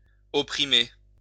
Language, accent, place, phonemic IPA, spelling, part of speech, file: French, France, Lyon, /ɔ.pʁi.me/, opprimer, verb, LL-Q150 (fra)-opprimer.wav
- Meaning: to oppress (to keep down by force)